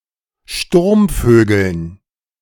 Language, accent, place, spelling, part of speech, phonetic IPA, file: German, Germany, Berlin, Sturmvögeln, noun, [ˈʃtuʁmˌføːɡl̩n], De-Sturmvögeln.ogg
- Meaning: dative plural of Sturmvogel